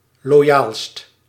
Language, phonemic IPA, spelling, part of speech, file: Dutch, /loˈjalst/, loyaalst, adjective, Nl-loyaalst.ogg
- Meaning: superlative degree of loyaal